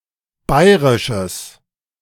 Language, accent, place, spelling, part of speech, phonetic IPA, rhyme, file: German, Germany, Berlin, bayrisches, adjective, [ˈbaɪ̯ʁɪʃəs], -aɪ̯ʁɪʃəs, De-bayrisches.ogg
- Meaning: strong/mixed nominative/accusative neuter singular of bayrisch